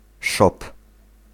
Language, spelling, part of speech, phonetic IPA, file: Polish, szop, noun, [ʃɔp], Pl-szop.ogg